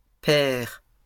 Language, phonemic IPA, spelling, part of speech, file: French, /pɛʁ/, pères, noun, LL-Q150 (fra)-pères.wav
- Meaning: plural of père